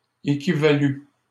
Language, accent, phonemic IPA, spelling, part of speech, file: French, Canada, /e.ki.va.ly/, équivalu, verb, LL-Q150 (fra)-équivalu.wav
- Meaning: past participle of équivaloir